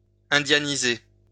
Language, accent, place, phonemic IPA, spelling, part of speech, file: French, France, Lyon, /ɛ̃.dja.ni.ze/, indianiser, verb, LL-Q150 (fra)-indianiser.wav
- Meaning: to Indianize